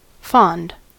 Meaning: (adjective) 1. Having a liking or affection (for) 2. Affectionate 3. Indulgent, doting 4. Outlandish; foolish; silly 5. Foolish; simple; weak 6. Doted on; regarded with affection
- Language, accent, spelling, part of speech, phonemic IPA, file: English, US, fond, adjective / verb / noun, /fɑnd/, En-us-fond.ogg